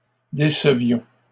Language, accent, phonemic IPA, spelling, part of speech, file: French, Canada, /de.sə.vjɔ̃/, décevions, verb, LL-Q150 (fra)-décevions.wav
- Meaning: inflection of décevoir: 1. first-person plural imperfect indicative 2. first-person plural present subjunctive